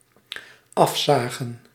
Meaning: 1. to saw off 2. inflection of afzien: plural dependent-clause past indicative 3. inflection of afzien: plural dependent-clause past subjunctive
- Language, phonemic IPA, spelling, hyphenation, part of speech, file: Dutch, /ˈɑfˌsaː.ɣə(n)/, afzagen, af‧za‧gen, verb, Nl-afzagen.ogg